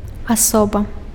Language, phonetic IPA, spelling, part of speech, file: Belarusian, [aˈsoba], асоба, noun, Be-асоба.ogg
- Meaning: person